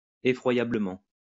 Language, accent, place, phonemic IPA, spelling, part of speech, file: French, France, Lyon, /e.fʁwa.ja.blə.mɑ̃/, effroyablement, adverb, LL-Q150 (fra)-effroyablement.wav
- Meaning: horribly, frightfully